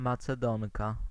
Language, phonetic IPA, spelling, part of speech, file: Polish, [ˌmat͡sɛˈdɔ̃ŋka], Macedonka, noun, Pl-Macedonka.ogg